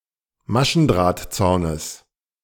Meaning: genitive singular of Maschendrahtzaun
- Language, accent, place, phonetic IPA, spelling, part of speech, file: German, Germany, Berlin, [ˈmaʃn̩dʁaːtˌt͡saʊ̯nəs], Maschendrahtzaunes, noun, De-Maschendrahtzaunes.ogg